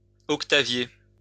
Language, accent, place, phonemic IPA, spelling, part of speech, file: French, France, Lyon, /ɔk.ta.vje/, octavier, verb, LL-Q150 (fra)-octavier.wav
- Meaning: to octavate